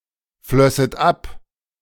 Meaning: second-person plural subjunctive II of abfließen
- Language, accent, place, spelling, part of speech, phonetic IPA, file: German, Germany, Berlin, flösset ab, verb, [ˌflœsət ˈap], De-flösset ab.ogg